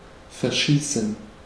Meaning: 1. to shoot off 2. to discharge but miss one’s shot 3. to fall in love 4. to fade (of colours)
- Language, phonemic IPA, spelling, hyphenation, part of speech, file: German, /fɛɐ̯ˈʃiːsn̩/, verschießen, ver‧schie‧ßen, verb, De-verschießen.ogg